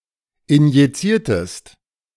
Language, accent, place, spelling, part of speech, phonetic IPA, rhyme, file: German, Germany, Berlin, injiziertest, verb, [ɪnjiˈt͡siːɐ̯təst], -iːɐ̯təst, De-injiziertest.ogg
- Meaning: inflection of injizieren: 1. second-person singular preterite 2. second-person singular subjunctive II